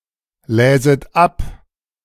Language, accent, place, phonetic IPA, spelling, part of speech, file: German, Germany, Berlin, [ˌlɛːzət ˈap], läset ab, verb, De-läset ab.ogg
- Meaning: second-person plural subjunctive I of ablesen